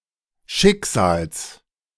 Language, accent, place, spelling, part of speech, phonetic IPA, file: German, Germany, Berlin, Schicksals, noun, [ˈʃɪkˌz̥aːls], De-Schicksals.ogg
- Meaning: genitive singular of Schicksal